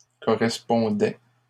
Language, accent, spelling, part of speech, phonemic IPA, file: French, Canada, correspondaient, verb, /kɔ.ʁɛs.pɔ̃.dɛ/, LL-Q150 (fra)-correspondaient.wav
- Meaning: third-person plural imperfect indicative of correspondre